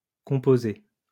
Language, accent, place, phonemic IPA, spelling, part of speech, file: French, France, Lyon, /kɔ̃.po.ze/, composés, verb, LL-Q150 (fra)-composés.wav
- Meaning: masculine plural of composé